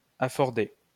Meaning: to afford
- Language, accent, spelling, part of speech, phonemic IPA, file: French, France, afforder, verb, /a.fɔʁ.de/, LL-Q150 (fra)-afforder.wav